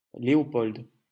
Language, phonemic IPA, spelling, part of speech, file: French, /le.ɔ.pɔl(d)/, Léopold, proper noun, LL-Q150 (fra)-Léopold.wav
- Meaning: a male given name, equivalent to English Leopold